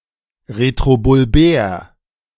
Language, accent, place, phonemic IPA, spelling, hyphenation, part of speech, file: German, Germany, Berlin, /ˌʁetʁobʊlˈbɛːɐ̯/, retrobulbär, re‧t‧ro‧bul‧bär, adjective, De-retrobulbär.ogg
- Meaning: retrobulbar